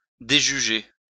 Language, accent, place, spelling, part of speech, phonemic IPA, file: French, France, Lyon, déjuger, verb, /de.ʒy.ʒe/, LL-Q150 (fra)-déjuger.wav
- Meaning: to reverse a judgement